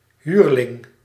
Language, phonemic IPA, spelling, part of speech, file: Dutch, /ˈɦyr.lɪŋ/, huurling, noun, Nl-huurling.ogg
- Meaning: 1. mercenary (person employed to fight) 2. a player who plays on one team while being employed by another team (who is out on loan)